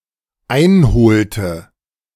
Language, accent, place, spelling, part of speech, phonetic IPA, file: German, Germany, Berlin, einholte, verb, [ˈaɪ̯nˌhoːltə], De-einholte.ogg
- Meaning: inflection of einholen: 1. first/third-person singular dependent preterite 2. first/third-person singular dependent subjunctive II